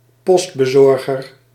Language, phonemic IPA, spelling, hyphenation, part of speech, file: Dutch, /ˈpɔst.bəˌzɔr.ɣər/, postbezorger, post‧be‧zor‧ger, noun, Nl-postbezorger.ogg
- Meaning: one who delivers mail